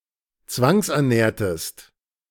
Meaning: inflection of zwangsernähren: 1. second-person singular preterite 2. second-person singular subjunctive II
- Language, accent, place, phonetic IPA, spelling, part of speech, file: German, Germany, Berlin, [ˈt͡svaŋsʔɛɐ̯ˌnɛːɐ̯təst], zwangsernährtest, verb, De-zwangsernährtest.ogg